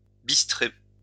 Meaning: 1. to darken, blacken 2. to be mesmerized
- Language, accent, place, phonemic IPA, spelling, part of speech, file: French, France, Lyon, /bis.tʁe/, bistrer, verb, LL-Q150 (fra)-bistrer.wav